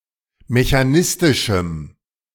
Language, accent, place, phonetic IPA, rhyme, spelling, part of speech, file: German, Germany, Berlin, [meçaˈnɪstɪʃm̩], -ɪstɪʃm̩, mechanistischem, adjective, De-mechanistischem.ogg
- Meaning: strong dative masculine/neuter singular of mechanistisch